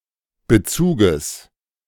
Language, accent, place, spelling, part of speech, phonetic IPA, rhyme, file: German, Germany, Berlin, Bezuges, noun, [bəˈt͡suːɡəs], -uːɡəs, De-Bezuges.ogg
- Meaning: genitive of Bezug